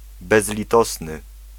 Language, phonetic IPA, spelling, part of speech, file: Polish, [ˌbɛzlʲiˈtɔsnɨ], bezlitosny, adjective, Pl-bezlitosny.ogg